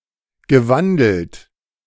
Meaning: past participle of wandeln
- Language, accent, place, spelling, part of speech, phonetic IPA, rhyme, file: German, Germany, Berlin, gewandelt, verb, [ɡəˈvandl̩t], -andl̩t, De-gewandelt.ogg